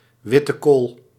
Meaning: uncommon form of witte kool
- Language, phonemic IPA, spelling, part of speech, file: Dutch, /ˌʋɪtəˈkoːl/, wittekool, noun, Nl-wittekool.ogg